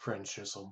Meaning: 1. A custom peculiar to France 2. A word, phrase or linguistic feature typical of French
- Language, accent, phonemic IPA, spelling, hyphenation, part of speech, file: English, US, /ˈfɹɛnt͡ʃ.ɪz(ə̯)m̩/, Frenchism, French‧ism, noun, Frenchism US.ogg